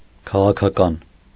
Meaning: political
- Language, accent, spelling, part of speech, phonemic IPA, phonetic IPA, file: Armenian, Eastern Armenian, քաղաքական, adjective, /kʰɑʁɑkʰɑˈkɑn/, [kʰɑʁɑkʰɑkɑ́n], Hy-քաղաքական.ogg